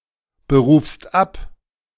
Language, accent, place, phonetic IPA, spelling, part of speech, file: German, Germany, Berlin, [bəˌʁuːfst ˈap], berufst ab, verb, De-berufst ab.ogg
- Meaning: second-person singular present of abberufen